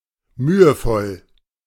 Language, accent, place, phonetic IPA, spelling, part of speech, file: German, Germany, Berlin, [ˈmyːəˌfɔl], mühevoll, adjective, De-mühevoll.ogg
- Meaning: painstaking, arduous